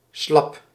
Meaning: bib
- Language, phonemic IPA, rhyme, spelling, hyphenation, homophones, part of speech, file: Dutch, /slɑp/, -ɑp, slab, slab, slap, noun, Nl-slab.ogg